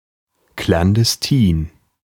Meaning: clandestine
- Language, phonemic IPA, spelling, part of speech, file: German, /klandɛsˈtiːn/, klandestin, adjective, De-klandestin.ogg